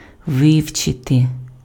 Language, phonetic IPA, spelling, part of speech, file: Ukrainian, [ˈʋɪu̯t͡ʃete], вивчити, verb, Uk-вивчити.ogg
- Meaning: 1. to study 2. to learn